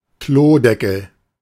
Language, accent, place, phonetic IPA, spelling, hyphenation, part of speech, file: German, Germany, Berlin, [ˈkloːˌdɛkl̩], Klodeckel, Klo‧de‧ckel, noun, De-Klodeckel.ogg
- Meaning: toilet lid